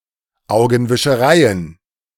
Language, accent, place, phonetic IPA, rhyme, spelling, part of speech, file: German, Germany, Berlin, [ˌaʊ̯ɡn̩vɪʃəˈʁaɪ̯ən], -aɪ̯ən, Augenwischereien, noun, De-Augenwischereien.ogg
- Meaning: plural of Augenwischerei